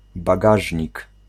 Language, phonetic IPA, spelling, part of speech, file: Polish, [baˈɡaʒʲɲik], bagażnik, noun, Pl-bagażnik.ogg